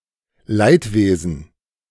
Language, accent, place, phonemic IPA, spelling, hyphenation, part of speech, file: German, Germany, Berlin, /ˈlaɪ̯tˌveːzn̩/, Leidwesen, Leid‧wesen, noun, De-Leidwesen.ogg
- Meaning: chagrin